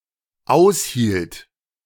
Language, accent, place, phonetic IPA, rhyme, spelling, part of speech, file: German, Germany, Berlin, [ˈaʊ̯shiːlt], -aʊ̯shiːlt, aushielt, verb, De-aushielt.ogg
- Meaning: first/third-person singular dependent preterite of aushalten